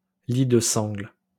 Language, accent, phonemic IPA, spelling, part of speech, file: French, France, /li d(ə) sɑ̃ɡl/, lit de sangle, noun, LL-Q150 (fra)-lit de sangle.wav
- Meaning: trestle bed, stump bedstead